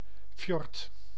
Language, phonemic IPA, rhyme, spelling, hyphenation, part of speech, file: Dutch, /fjɔrt/, -ɔrt, fjord, fjord, noun, Nl-fjord.ogg
- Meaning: 1. fjord 2. Fjord horse